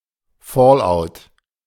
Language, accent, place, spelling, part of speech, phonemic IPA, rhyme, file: German, Germany, Berlin, Fallout, noun, /ˈfɔːlʔaʊ̯t/, -aʊ̯t, De-Fallout.ogg
- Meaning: radioactive fallout (radioactive particles that fall to the ground)